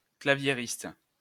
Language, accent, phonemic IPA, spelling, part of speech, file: French, France, /kla.vje.ʁist/, claviériste, noun, LL-Q150 (fra)-claviériste.wav
- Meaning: keyboardist